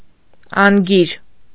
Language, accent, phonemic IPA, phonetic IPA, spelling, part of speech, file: Armenian, Eastern Armenian, /ɑnˈɡiɾ/, [ɑŋɡíɾ], անգիր, adjective / adverb / noun, Hy-անգիր.ogg
- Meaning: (adjective) 1. having no written language 2. unwritten, oral, having no literary tradition 3. unwritten 4. oral, unwritten; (adverb) by heart, by rote